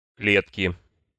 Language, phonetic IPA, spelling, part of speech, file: Russian, [ˈklʲetkʲɪ], клетки, noun, Ru-клетки.ogg
- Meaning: inflection of кле́тка (klétka): 1. genitive singular 2. nominative/accusative plural